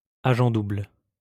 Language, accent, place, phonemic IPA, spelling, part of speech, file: French, France, Lyon, /a.ʒɑ̃ dubl/, agent double, noun, LL-Q150 (fra)-agent double.wav
- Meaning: double agent